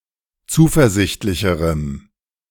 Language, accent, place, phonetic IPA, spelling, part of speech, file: German, Germany, Berlin, [ˈt͡suːfɛɐ̯ˌzɪçtlɪçəʁəm], zuversichtlicherem, adjective, De-zuversichtlicherem.ogg
- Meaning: strong dative masculine/neuter singular comparative degree of zuversichtlich